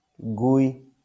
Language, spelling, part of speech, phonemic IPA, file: Kikuyu, ngui, noun, /ᵑɡú.íꜜ/, LL-Q33587 (kik)-ngui.wav
- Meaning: dog